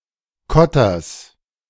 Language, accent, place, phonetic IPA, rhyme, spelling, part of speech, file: German, Germany, Berlin, [ˈkɔtɐs], -ɔtɐs, Kotters, noun, De-Kotters.ogg
- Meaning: genitive singular of Kotter